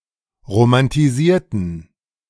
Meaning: inflection of romantisieren: 1. first/third-person plural preterite 2. first/third-person plural subjunctive II
- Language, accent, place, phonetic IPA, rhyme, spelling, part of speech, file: German, Germany, Berlin, [ʁomantiˈziːɐ̯tn̩], -iːɐ̯tn̩, romantisierten, adjective / verb, De-romantisierten.ogg